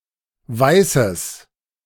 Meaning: genitive singular of Weiß
- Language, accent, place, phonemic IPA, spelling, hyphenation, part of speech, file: German, Germany, Berlin, /ˈvaɪ̯səs/, Weißes, Wei‧ßes, noun, De-Weißes.ogg